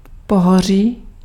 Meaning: mountain range
- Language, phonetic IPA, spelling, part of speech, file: Czech, [ˈpoɦor̝iː], pohoří, noun, Cs-pohoří.ogg